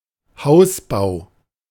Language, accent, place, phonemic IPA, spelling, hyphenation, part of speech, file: German, Germany, Berlin, /ˈhaʊ̯sˌbaʊ̯/, Hausbau, Haus‧bau, noun, De-Hausbau.ogg
- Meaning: house construction